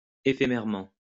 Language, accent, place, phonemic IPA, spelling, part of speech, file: French, France, Lyon, /e.fe.mɛʁ.mɑ̃/, éphémèrement, adverb, LL-Q150 (fra)-éphémèrement.wav
- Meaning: ephemerally